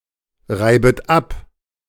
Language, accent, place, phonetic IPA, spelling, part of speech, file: German, Germany, Berlin, [ˌʁaɪ̯bət ˈap], reibet ab, verb, De-reibet ab.ogg
- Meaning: second-person plural subjunctive I of abreiben